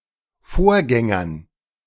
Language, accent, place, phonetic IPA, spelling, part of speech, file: German, Germany, Berlin, [ˈfoːɐ̯ˌɡɛŋɐn], Vorgängern, noun, De-Vorgängern.ogg
- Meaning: dative plural of Vorgänger